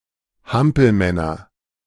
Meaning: nominative/accusative/genitive plural of Hampelmann
- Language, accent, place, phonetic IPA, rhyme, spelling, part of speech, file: German, Germany, Berlin, [ˈhampl̩ˌmɛnɐ], -ampl̩mɛnɐ, Hampelmänner, noun, De-Hampelmänner.ogg